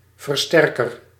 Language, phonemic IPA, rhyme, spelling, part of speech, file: Dutch, /vərˈstɛr.kər/, -ɛrkər, versterker, noun, Nl-versterker.ogg
- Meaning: amplifier